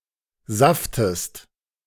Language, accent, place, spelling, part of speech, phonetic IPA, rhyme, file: German, Germany, Berlin, saftest, verb, [ˈzaftəst], -aftəst, De-saftest.ogg
- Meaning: inflection of saften: 1. second-person singular present 2. second-person singular subjunctive I